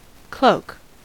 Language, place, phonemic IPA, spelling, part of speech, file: English, California, /kloʊk/, cloak, noun / verb, En-us-cloak.ogg
- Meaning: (noun) 1. A long outer garment worn over the shoulders covering the back; a cape, often with a hood 2. A blanket-like covering, often metaphorical 3. That which conceals; a disguise or pretext